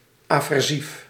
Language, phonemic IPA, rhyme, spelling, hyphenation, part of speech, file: Dutch, /ˌaː.vɛrˈzif/, -if, aversief, aver‧sief, adjective, Nl-aversief.ogg
- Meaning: aversive, displaying or inciting aversion